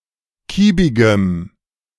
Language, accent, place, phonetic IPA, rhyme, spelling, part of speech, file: German, Germany, Berlin, [ˈkiːbɪɡəm], -iːbɪɡəm, kiebigem, adjective, De-kiebigem.ogg
- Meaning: strong dative masculine/neuter singular of kiebig